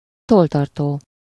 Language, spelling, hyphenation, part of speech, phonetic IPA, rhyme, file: Hungarian, tolltartó, toll‧tar‧tó, noun, [ˈtoltɒrtoː], -toː, Hu-tolltartó.ogg
- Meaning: pencil case, pencil box, an object that can hold pens and pencils